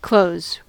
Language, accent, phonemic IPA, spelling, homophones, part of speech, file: English, US, /kloʊ(ð)z/, clothes, cloze / close stripped-by-parse_pron_post_template_fn, noun, En-us-clothes.ogg
- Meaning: 1. Items of clothing; apparel 2. plural of cloth 3. The covering of a bed; bedclothes 4. Laundry (hung on a clothesline)